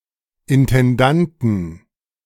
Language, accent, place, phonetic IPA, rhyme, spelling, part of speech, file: German, Germany, Berlin, [ɪntɛnˈdantn̩], -antn̩, Intendanten, noun, De-Intendanten.ogg
- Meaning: 1. plural of Intendant 2. genitive singular of Intendant